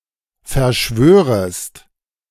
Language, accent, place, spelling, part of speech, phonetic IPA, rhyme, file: German, Germany, Berlin, verschwörest, verb, [fɛɐ̯ˈʃvøːʁəst], -øːʁəst, De-verschwörest.ogg
- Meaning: second-person singular subjunctive I of verschwören